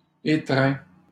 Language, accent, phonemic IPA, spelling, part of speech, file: French, Canada, /e.tʁɛ̃/, étreint, verb, LL-Q150 (fra)-étreint.wav
- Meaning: 1. past participle of étreindre 2. third-person singular present indicative of étreindre